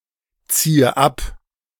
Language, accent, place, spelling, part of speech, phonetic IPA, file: German, Germany, Berlin, ziehe ab, verb, [ˌt͡siːə ˈap], De-ziehe ab.ogg
- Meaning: inflection of abziehen: 1. first-person singular present 2. first/third-person singular subjunctive I 3. singular imperative